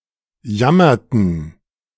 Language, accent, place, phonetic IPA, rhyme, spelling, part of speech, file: German, Germany, Berlin, [ˈjamɐtn̩], -amɐtn̩, jammerten, verb, De-jammerten.ogg
- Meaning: inflection of jammern: 1. first/third-person plural preterite 2. first/third-person plural subjunctive II